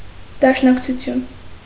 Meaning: 1. union, federation, alliance, coalition 2. ellipsis of Հայ հեղափոխական դաշնակցություն (Hay heġapʻoxakan dašnakcʻutʻyun, “Armenian Revolutionary Federation”)
- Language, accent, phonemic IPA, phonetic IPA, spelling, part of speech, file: Armenian, Eastern Armenian, /dɑʃnɑkt͡sʰuˈtʰjun/, [dɑʃnɑkt͡sʰut͡sʰjún], դաշնակցություն, noun, Hy-դաշնակցություն.ogg